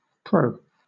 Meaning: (noun) 1. An advantage of something, especially when contrasted with its disadvantages (cons) 2. A person who supports a concept or principle; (preposition) In favor of
- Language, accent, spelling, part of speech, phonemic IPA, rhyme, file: English, Southern England, pro, noun / preposition / adjective, /pɹəʊ/, -əʊ, LL-Q1860 (eng)-pro.wav